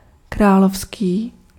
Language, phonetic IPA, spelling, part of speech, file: Czech, [ˈkraːlofskiː], královský, adjective, Cs-královský.ogg
- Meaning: royal (of or relating to a monarch or their family)